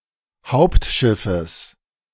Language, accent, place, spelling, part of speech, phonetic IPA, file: German, Germany, Berlin, Hauptschiffes, noun, [ˈhaʊ̯ptˌʃɪfəs], De-Hauptschiffes.ogg
- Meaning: genitive singular of Hauptschiff